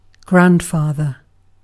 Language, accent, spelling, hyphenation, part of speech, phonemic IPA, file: English, UK, grandfather, grand‧fa‧ther, noun / verb, /ˈɡɹæn(d)ˌfɑːðə(r)/, En-uk-grandfather.ogg
- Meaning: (noun) 1. A father of someone's parent 2. A male forefather 3. The archived older version of a file that immediately preceded the father file; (verb) To be, or act as, a grandfather to